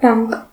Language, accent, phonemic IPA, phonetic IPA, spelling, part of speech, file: Armenian, Eastern Armenian, /bɑnk/, [bɑŋk], բանկ, noun, Hy-բանկ.ogg
- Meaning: bank (financial institution)